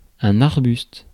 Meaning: bush, shrub
- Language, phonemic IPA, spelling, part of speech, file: French, /aʁ.byst/, arbuste, noun, Fr-arbuste.ogg